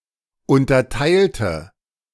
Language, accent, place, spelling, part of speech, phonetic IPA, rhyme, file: German, Germany, Berlin, unterteilte, adjective / verb, [ˌʊntɐˈtaɪ̯ltə], -aɪ̯ltə, De-unterteilte.ogg
- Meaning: inflection of unterteilen: 1. first/third-person singular preterite 2. first/third-person singular subjunctive II